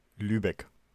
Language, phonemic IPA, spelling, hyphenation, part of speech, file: German, /ˈlyːbɛk/, Lübeck, Lü‧beck, proper noun, De-Lübeck.ogg
- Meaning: Lübeck (an independent city in Schleswig-Holstein, Germany)